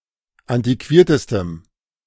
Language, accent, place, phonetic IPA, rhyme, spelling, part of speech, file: German, Germany, Berlin, [ˌantiˈkviːɐ̯təstəm], -iːɐ̯təstəm, antiquiertestem, adjective, De-antiquiertestem.ogg
- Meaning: strong dative masculine/neuter singular superlative degree of antiquiert